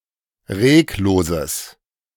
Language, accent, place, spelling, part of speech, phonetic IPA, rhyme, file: German, Germany, Berlin, regloses, adjective, [ˈʁeːkˌloːzəs], -eːkloːzəs, De-regloses.ogg
- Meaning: strong/mixed nominative/accusative neuter singular of reglos